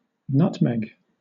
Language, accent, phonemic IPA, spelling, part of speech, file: English, Southern England, /ˈnʌt.mɛɡ/, nutmeg, noun / verb, LL-Q1860 (eng)-nutmeg.wav
- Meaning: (noun) 1. An evergreen tree (Myristica fragrans) cultivated in the East Indies for its spicy seeds 2. The aromatic seed of this tree, used as a spice.: The powdered seed, ready for use